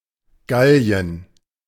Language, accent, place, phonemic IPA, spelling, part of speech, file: German, Germany, Berlin, /ˈɡali̯ən/, Gallien, proper noun, De-Gallien.ogg